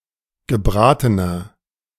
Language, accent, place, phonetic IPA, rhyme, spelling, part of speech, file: German, Germany, Berlin, [ɡəˈbʁaːtənɐ], -aːtənɐ, gebratener, adjective, De-gebratener.ogg
- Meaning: inflection of gebraten: 1. strong/mixed nominative masculine singular 2. strong genitive/dative feminine singular 3. strong genitive plural